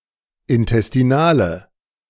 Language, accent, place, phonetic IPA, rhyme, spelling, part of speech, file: German, Germany, Berlin, [ɪntɛstiˈnaːlə], -aːlə, intestinale, adjective, De-intestinale.ogg
- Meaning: inflection of intestinal: 1. strong/mixed nominative/accusative feminine singular 2. strong nominative/accusative plural 3. weak nominative all-gender singular